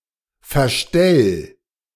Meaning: 1. singular imperative of verstellen 2. first-person singular present of verstellen
- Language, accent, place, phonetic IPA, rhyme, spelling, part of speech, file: German, Germany, Berlin, [fɛɐ̯ˈʃtɛl], -ɛl, verstell, verb, De-verstell.ogg